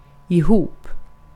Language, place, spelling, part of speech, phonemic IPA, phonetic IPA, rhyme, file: Swedish, Gotland, ihop, adverb, /ɪˈhuːp/, [ɪˈhʊ̝up], -uːp, Sv-ihop.ogg
- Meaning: together